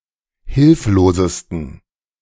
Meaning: 1. superlative degree of hilflos 2. inflection of hilflos: strong genitive masculine/neuter singular superlative degree
- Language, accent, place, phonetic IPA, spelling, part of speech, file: German, Germany, Berlin, [ˈhɪlfloːzəstn̩], hilflosesten, adjective, De-hilflosesten.ogg